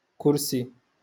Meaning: chair
- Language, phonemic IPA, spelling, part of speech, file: Moroccan Arabic, /kur.si/, كرسي, noun, LL-Q56426 (ary)-كرسي.wav